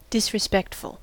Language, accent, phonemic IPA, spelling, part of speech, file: English, US, /dɪs.ɹɪˈspɛkt.fəl/, disrespectful, adjective, En-us-disrespectful.ogg
- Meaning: 1. Lacking respect 2. irrespective, heedless, regardless